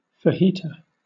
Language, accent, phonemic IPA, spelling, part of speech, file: English, Southern England, /fəˈhiːtə/, fajita, noun, LL-Q1860 (eng)-fajita.wav
- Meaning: A Tex-Mex dish of strips of spicy marinated meat and/or vegetables in a soft flour tortilla, often served with salad or a savoury filling